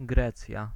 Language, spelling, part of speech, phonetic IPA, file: Polish, Grecja, proper noun, [ˈɡrɛt͡sʲja], Pl-Grecja.ogg